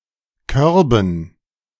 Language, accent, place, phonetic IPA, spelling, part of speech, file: German, Germany, Berlin, [ˈkœʁbn̩], Körben, noun, De-Körben.ogg
- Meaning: dative plural of Korb